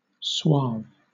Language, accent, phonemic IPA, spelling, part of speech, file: English, Southern England, /swɑːv/, suave, adjective / noun, LL-Q1860 (eng)-suave.wav
- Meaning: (adjective) 1. Of a person, charming, though often in a manner that is insincere or sophisticated 2. Displaying smoothness and sophistication 3. Gracious, kind; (noun) sweet-talk